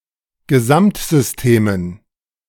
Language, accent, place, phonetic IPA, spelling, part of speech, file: German, Germany, Berlin, [ɡəˈzamtzʏsˌteːmən], Gesamtsystemen, noun, De-Gesamtsystemen.ogg
- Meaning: dative plural of Gesamtsystem